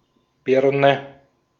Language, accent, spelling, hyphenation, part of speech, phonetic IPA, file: German, Austria, Birne, Bir‧ne, noun, [ˈb̥iɐ̯nɛ], De-at-Birne.ogg
- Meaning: 1. pear 2. lightbulb 3. head, bonce, noggin